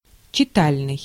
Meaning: reading
- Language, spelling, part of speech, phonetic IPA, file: Russian, читальный, adjective, [t͡ɕɪˈtalʲnɨj], Ru-читальный.ogg